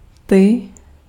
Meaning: 1. you (second person singular) 2. inflection of ten: animate masculine accusative plural 3. inflection of ten: inanimate masculine nominative/accusative plural
- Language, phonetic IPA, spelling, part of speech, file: Czech, [ˈtɪ], ty, pronoun, Cs-ty.ogg